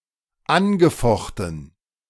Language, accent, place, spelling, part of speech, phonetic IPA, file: German, Germany, Berlin, angefochten, verb, [ˈanɡəˌfɔxtn̩], De-angefochten.ogg
- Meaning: past participle of anfechten